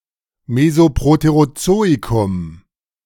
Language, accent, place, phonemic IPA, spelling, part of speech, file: German, Germany, Berlin, /ˌmezoˌpʁoteʁoˈtsoːikʊm/, Mesoproterozoikum, proper noun, De-Mesoproterozoikum.ogg
- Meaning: the Mesoproterozoic